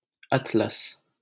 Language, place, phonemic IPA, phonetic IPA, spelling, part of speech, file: Hindi, Delhi, /ət̪.ləs/, [ɐt̪.lɐs], अतलस, noun, LL-Q1568 (hin)-अतलस.wav
- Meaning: satin